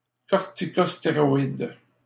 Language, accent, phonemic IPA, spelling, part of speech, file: French, Canada, /kɔʁ.ti.kɔs.te.ʁɔ.id/, corticostéroïde, noun, LL-Q150 (fra)-corticostéroïde.wav
- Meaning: corticosteroid